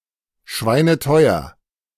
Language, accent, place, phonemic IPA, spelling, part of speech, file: German, Germany, Berlin, /ˈʃvaɪ̯nəˈtɔʏ̯ɐ/, schweineteuer, adjective, De-schweineteuer.ogg
- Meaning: very expensive